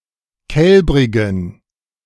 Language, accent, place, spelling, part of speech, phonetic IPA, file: German, Germany, Berlin, kälbrigen, adjective, [ˈkɛlbʁɪɡn̩], De-kälbrigen.ogg
- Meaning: inflection of kälbrig: 1. strong genitive masculine/neuter singular 2. weak/mixed genitive/dative all-gender singular 3. strong/weak/mixed accusative masculine singular 4. strong dative plural